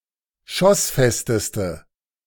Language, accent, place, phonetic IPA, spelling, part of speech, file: German, Germany, Berlin, [ˈʃɔsˌfɛstəstə], schossfesteste, adjective, De-schossfesteste.ogg
- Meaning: inflection of schossfest: 1. strong/mixed nominative/accusative feminine singular superlative degree 2. strong nominative/accusative plural superlative degree